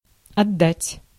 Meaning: 1. to give back, to return 2. to give (away), to hand over, to give up, to give over 3. to send 4. to devote 5. to cast (anchor) 6. to recoil (of a gun)
- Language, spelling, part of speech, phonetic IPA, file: Russian, отдать, verb, [ɐˈdːatʲ], Ru-отдать.ogg